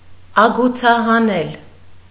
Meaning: to cut a groove, rabbet
- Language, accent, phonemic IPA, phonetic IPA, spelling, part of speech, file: Armenian, Eastern Armenian, /ɑɡut͡sʰɑhɑˈnel/, [ɑɡut͡sʰɑhɑnél], ագուցահանել, verb, Hy-ագուցահանել.ogg